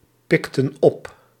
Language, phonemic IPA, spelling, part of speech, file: Dutch, /ˈpɪktə(n) ˈɔp/, pikten op, verb, Nl-pikten op.ogg
- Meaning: inflection of oppikken: 1. plural past indicative 2. plural past subjunctive